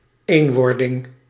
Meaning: unification (social or institutional)
- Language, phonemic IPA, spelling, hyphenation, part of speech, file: Dutch, /ˈeːnˌʋɔr.dɪŋ/, eenwording, een‧wor‧ding, noun, Nl-eenwording.ogg